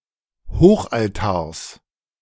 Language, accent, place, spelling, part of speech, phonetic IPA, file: German, Germany, Berlin, Hochaltars, noun, [ˈhoːxʔalˌtaːɐ̯s], De-Hochaltars.ogg
- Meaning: genitive singular of Hochaltar